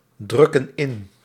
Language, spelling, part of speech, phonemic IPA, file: Dutch, drukken in, verb, /ˈdrʏkə(n) ˈɪn/, Nl-drukken in.ogg
- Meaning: inflection of indrukken: 1. plural present indicative 2. plural present subjunctive